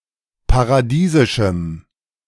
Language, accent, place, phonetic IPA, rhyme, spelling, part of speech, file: German, Germany, Berlin, [paʁaˈdiːzɪʃm̩], -iːzɪʃm̩, paradiesischem, adjective, De-paradiesischem.ogg
- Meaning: strong dative masculine/neuter singular of paradiesisch